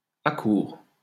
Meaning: second-person singular present subjunctive of accourir
- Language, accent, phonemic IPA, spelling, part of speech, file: French, France, /a.kuʁ/, accoures, verb, LL-Q150 (fra)-accoures.wav